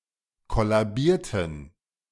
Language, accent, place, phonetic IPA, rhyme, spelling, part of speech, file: German, Germany, Berlin, [ˌkɔlaˈbiːɐ̯tn̩], -iːɐ̯tn̩, kollabierten, adjective / verb, De-kollabierten.ogg
- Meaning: inflection of kollabieren: 1. first/third-person plural preterite 2. first/third-person plural subjunctive II